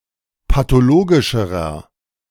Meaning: inflection of pathologisch: 1. strong/mixed nominative masculine singular comparative degree 2. strong genitive/dative feminine singular comparative degree 3. strong genitive plural comparative degree
- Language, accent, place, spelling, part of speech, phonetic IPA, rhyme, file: German, Germany, Berlin, pathologischerer, adjective, [patoˈloːɡɪʃəʁɐ], -oːɡɪʃəʁɐ, De-pathologischerer.ogg